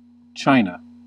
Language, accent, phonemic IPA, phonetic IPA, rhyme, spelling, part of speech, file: English, US, /ˈt͡ʃaɪnə/, [ˈt͡ʃ(ʰ)aɪ̯nə], -aɪnə, China, proper noun / noun, En-us-China.ogg
- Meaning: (proper noun) A cultural region and civilization in East Asia, occupying the region around the Yellow, Yangtze, and Pearl Rivers, taken as a whole under its various dynasties